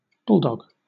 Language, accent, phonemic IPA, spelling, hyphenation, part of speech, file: English, Southern England, /ˈbʊl.dɒɡ/, bulldog, bull‧dog, noun / verb, LL-Q1860 (eng)-bulldog.wav